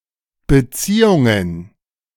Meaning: plural of Beziehung
- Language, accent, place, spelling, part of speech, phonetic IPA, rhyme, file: German, Germany, Berlin, Beziehungen, noun, [bəˈt͡siːʊŋən], -iːʊŋən, De-Beziehungen.ogg